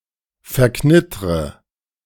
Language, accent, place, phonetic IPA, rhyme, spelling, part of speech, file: German, Germany, Berlin, [fɛɐ̯ˈknɪtʁə], -ɪtʁə, verknittre, verb, De-verknittre.ogg
- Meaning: inflection of verknittern: 1. first-person singular present 2. first/third-person singular subjunctive I 3. singular imperative